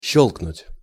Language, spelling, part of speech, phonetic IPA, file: Russian, щёлкнуть, verb, [ˈɕːɵɫknʊtʲ], Ru-щёлкнуть.ogg
- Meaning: 1. to click (to make a clicking sound) 2. to crack, to click, to snap, etc 3. to flick, to fillip (someone) 4. to crack (nuts)